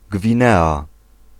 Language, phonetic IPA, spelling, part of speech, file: Polish, [ɡvʲĩˈnɛa], Gwinea, proper noun, Pl-Gwinea.ogg